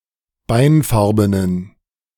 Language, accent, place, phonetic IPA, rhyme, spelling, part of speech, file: German, Germany, Berlin, [ˈbaɪ̯nˌfaʁbənən], -aɪ̯nfaʁbənən, beinfarbenen, adjective, De-beinfarbenen.ogg
- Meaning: inflection of beinfarben: 1. strong genitive masculine/neuter singular 2. weak/mixed genitive/dative all-gender singular 3. strong/weak/mixed accusative masculine singular 4. strong dative plural